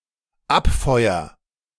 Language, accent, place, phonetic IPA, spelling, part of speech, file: German, Germany, Berlin, [ˈapˌfɔɪ̯ɐ], abfeuer, verb, De-abfeuer.ogg
- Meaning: first-person singular dependent present of abfeuern